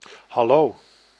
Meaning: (interjection) 1. hello (a general greeting used when meeting somebody) 2. Asks for a response or attention 3. Used when asking for an already known answer
- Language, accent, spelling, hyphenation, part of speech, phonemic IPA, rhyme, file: Dutch, Netherlands, hallo, hal‧lo, interjection / noun / verb, /ɦɑˈloː/, -oː, Nl-hallo.ogg